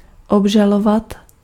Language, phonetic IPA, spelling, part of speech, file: Czech, [ˈobʒalovat], obžalovat, verb, Cs-obžalovat.ogg
- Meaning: to accuse, charge